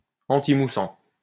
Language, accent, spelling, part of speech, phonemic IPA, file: French, France, antimoussant, adjective / noun, /ɑ̃.ti.mu.sɑ̃/, LL-Q150 (fra)-antimoussant.wav
- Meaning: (adjective) antifoaming; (noun) defoamer